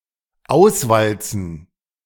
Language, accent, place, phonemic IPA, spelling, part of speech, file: German, Germany, Berlin, /ˈaʊ̯sˌvalt͡sən/, auswalzen, verb, De-auswalzen.ogg
- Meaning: to roll out